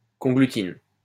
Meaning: conglutin
- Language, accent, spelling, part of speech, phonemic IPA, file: French, France, conglutine, noun, /kɔ̃.ɡly.tin/, LL-Q150 (fra)-conglutine.wav